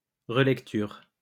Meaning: 1. rereading (act of rereading) 2. proofreading
- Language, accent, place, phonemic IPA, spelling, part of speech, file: French, France, Lyon, /ʁə.lɛk.tyʁ/, relecture, noun, LL-Q150 (fra)-relecture.wav